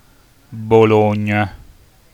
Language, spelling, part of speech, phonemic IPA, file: Italian, Bologna, proper noun, /boˈloɲɲa/, It-Bologna.ogg